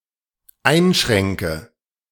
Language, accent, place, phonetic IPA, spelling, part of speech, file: German, Germany, Berlin, [ˈaɪ̯nˌʃʁɛŋkə], einschränke, verb, De-einschränke.ogg
- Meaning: inflection of einschränken: 1. first-person singular dependent present 2. first/third-person singular dependent subjunctive I